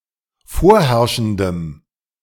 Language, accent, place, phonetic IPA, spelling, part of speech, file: German, Germany, Berlin, [ˈfoːɐ̯ˌhɛʁʃn̩dəm], vorherrschendem, adjective, De-vorherrschendem.ogg
- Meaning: strong dative masculine/neuter singular of vorherrschend